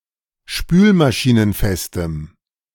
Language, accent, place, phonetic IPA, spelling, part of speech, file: German, Germany, Berlin, [ˈʃpyːlmaʃiːnənˌfɛstəm], spülmaschinenfestem, adjective, De-spülmaschinenfestem.ogg
- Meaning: strong dative masculine/neuter singular of spülmaschinenfest